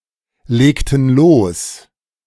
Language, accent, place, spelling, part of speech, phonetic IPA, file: German, Germany, Berlin, legten los, verb, [ˌleːktn̩ ˈloːs], De-legten los.ogg
- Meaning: inflection of loslegen: 1. first/third-person plural preterite 2. first/third-person plural subjunctive II